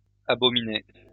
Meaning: third-person singular imperfect indicative of abominer
- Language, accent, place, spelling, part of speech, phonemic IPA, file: French, France, Lyon, abominait, verb, /a.bɔ.mi.nɛ/, LL-Q150 (fra)-abominait.wav